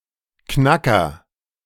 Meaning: 1. agent noun of knacken: cracker 2. geezer 3. knackwurst; knockwurst
- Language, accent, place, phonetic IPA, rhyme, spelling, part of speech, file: German, Germany, Berlin, [ˈknakɐ], -akɐ, Knacker, noun, De-Knacker.ogg